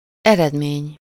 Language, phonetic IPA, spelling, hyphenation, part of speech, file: Hungarian, [ˈɛrɛdmeːɲ], eredmény, ered‧mény, noun, Hu-eredmény.ogg
- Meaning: result, outcome